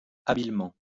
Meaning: skilfully
- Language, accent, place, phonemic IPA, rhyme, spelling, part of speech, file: French, France, Lyon, /a.bil.mɑ̃/, -ɑ̃, habilement, adverb, LL-Q150 (fra)-habilement.wav